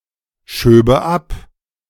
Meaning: first/third-person singular subjunctive II of abschieben
- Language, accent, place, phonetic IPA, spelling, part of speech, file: German, Germany, Berlin, [ˌʃøːbə ˈap], schöbe ab, verb, De-schöbe ab.ogg